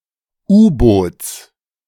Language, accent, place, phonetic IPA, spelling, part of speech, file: German, Germany, Berlin, [ˈuːboːt͡s], U-Boots, noun, De-U-Boots.ogg
- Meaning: genitive singular of U-Boot